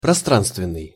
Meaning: spatial
- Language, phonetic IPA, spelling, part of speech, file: Russian, [prɐˈstranstvʲɪn(ː)ɨj], пространственный, adjective, Ru-пространственный.ogg